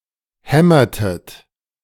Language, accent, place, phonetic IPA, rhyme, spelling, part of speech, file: German, Germany, Berlin, [ˈhɛmɐtət], -ɛmɐtət, hämmertet, verb, De-hämmertet.ogg
- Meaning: inflection of hämmern: 1. second-person plural preterite 2. second-person plural subjunctive II